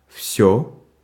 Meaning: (determiner) nominative/accusative neuter singular of весь (vesʹ); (pronoun) everything
- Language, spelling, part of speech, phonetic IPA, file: Russian, всё, determiner / pronoun / adverb / adjective / interjection, [fsʲɵ], Ru-всё.ogg